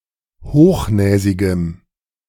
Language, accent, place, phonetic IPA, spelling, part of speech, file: German, Germany, Berlin, [ˈhoːxˌnɛːzɪɡəm], hochnäsigem, adjective, De-hochnäsigem.ogg
- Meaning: strong dative masculine/neuter singular of hochnäsig